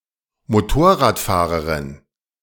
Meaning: female motorcyclist ("Motorradfahrer")
- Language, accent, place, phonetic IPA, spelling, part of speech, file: German, Germany, Berlin, [moˈtoːɐ̯ʁaːtˌfaːʁəʁɪn], Motorradfahrerin, noun, De-Motorradfahrerin.ogg